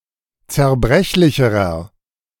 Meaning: inflection of zerbrechlich: 1. strong/mixed nominative masculine singular comparative degree 2. strong genitive/dative feminine singular comparative degree 3. strong genitive plural comparative degree
- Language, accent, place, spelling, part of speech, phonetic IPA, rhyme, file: German, Germany, Berlin, zerbrechlicherer, adjective, [t͡sɛɐ̯ˈbʁɛçlɪçəʁɐ], -ɛçlɪçəʁɐ, De-zerbrechlicherer.ogg